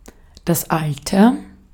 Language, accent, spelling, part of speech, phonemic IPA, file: German, Austria, Alter, noun / interjection, /ˈaltər/, De-at-Alter.ogg
- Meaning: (noun) 1. age, old age 2. antiquity 3. epoch, age 4. nominalization of alt (“someone or something old or bygone”) 5. old man; old person